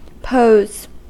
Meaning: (noun) Common cold, head cold; catarrh; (verb) 1. To place in an attitude or fixed position, for the sake of effect 2. To ask; to set (a test, quiz, riddle, etc.)
- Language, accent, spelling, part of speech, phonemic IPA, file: English, US, pose, noun / verb, /poʊz/, En-us-pose.ogg